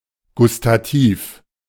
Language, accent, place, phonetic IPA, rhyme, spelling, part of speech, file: German, Germany, Berlin, [ɡʊstaˈtiːf], -iːf, gustativ, adjective, De-gustativ.ogg
- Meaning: taste; gustatory